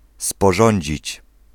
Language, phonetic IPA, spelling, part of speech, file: Polish, [spɔˈʒɔ̃ɲd͡ʑit͡ɕ], sporządzić, verb, Pl-sporządzić.ogg